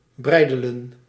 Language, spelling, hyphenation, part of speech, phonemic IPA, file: Dutch, breidelen, brei‧de‧len, verb, /ˈbrɛi̯dələ(n)/, Nl-breidelen.ogg
- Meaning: to bridle, to restrain, to curb